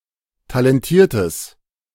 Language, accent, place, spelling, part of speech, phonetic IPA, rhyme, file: German, Germany, Berlin, talentiertes, adjective, [talɛnˈtiːɐ̯təs], -iːɐ̯təs, De-talentiertes.ogg
- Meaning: strong/mixed nominative/accusative neuter singular of talentiert